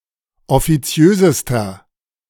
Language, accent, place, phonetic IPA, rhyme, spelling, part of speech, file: German, Germany, Berlin, [ɔfiˈt͡si̯øːzəstɐ], -øːzəstɐ, offiziösester, adjective, De-offiziösester.ogg
- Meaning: inflection of offiziös: 1. strong/mixed nominative masculine singular superlative degree 2. strong genitive/dative feminine singular superlative degree 3. strong genitive plural superlative degree